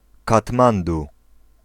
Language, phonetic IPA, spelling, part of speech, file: Polish, [katˈmãndu], Katmandu, proper noun, Pl-Katmandu.ogg